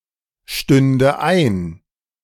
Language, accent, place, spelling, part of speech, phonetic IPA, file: German, Germany, Berlin, stünde ein, verb, [ˌʃtʏndə ˈaɪ̯n], De-stünde ein.ogg
- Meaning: first/third-person singular subjunctive II of einstehen